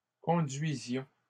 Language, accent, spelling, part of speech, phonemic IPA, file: French, Canada, conduisions, verb, /kɔ̃.dɥi.zjɔ̃/, LL-Q150 (fra)-conduisions.wav
- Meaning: inflection of conduire: 1. first-person plural imperfect indicative 2. first-person plural present subjunctive